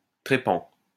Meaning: 1. drill 2. trepan, trephine
- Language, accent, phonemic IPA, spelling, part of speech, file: French, France, /tʁe.pɑ̃/, trépan, noun, LL-Q150 (fra)-trépan.wav